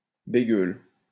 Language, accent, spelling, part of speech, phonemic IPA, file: French, France, bégueule, noun / adjective, /be.ɡœl/, LL-Q150 (fra)-bégueule.wav
- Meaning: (noun) 1. prude 2. prissy person; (adjective) prudish